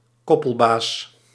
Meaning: contractor who acts as a middle man between prospective employer and prospective employee. Generally for short term employment like day labour. (Archaic)
- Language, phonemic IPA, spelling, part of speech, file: Dutch, /ˈkɔpəlˌbas/, koppelbaas, noun, Nl-koppelbaas.ogg